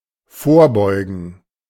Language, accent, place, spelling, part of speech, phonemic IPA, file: German, Germany, Berlin, vorbeugen, verb, /ˈfoːɐ̯ˌbɔɪ̯ɡn̩/, De-vorbeugen.ogg
- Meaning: 1. to prevent, obviate 2. to lean forward